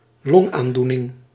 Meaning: lung ailment, disease
- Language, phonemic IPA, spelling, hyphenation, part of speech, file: Dutch, /ˈlɔŋandunɪŋ/, longaandoening, long‧aan‧doe‧ning, noun, Nl-longaandoening.ogg